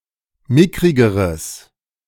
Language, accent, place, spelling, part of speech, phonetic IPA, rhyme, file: German, Germany, Berlin, mickrigeres, adjective, [ˈmɪkʁɪɡəʁəs], -ɪkʁɪɡəʁəs, De-mickrigeres.ogg
- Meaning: strong/mixed nominative/accusative neuter singular comparative degree of mickrig